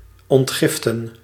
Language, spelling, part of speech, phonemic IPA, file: Dutch, ontgiften, verb, /ɔntˈɣɪftə(n)/, Nl-ontgiften.ogg
- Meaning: to detoxify